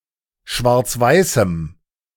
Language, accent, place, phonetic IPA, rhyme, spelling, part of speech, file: German, Germany, Berlin, [ˌʃvaʁt͡sˈvaɪ̯sm̩], -aɪ̯sm̩, schwarzweißem, adjective, De-schwarzweißem.ogg
- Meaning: strong dative masculine/neuter singular of schwarzweiß